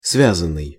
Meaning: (verb) past passive perfective participle of связа́ть (svjazátʹ); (adjective) 1. constrained (by something) 2. halting (of speech) 3. connected 4. combined
- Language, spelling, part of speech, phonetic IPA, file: Russian, связанный, verb / adjective, [ˈsvʲazən(ː)ɨj], Ru-связанный.ogg